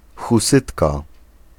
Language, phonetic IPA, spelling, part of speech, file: Polish, [xuˈsɨtka], husytka, noun, Pl-husytka.ogg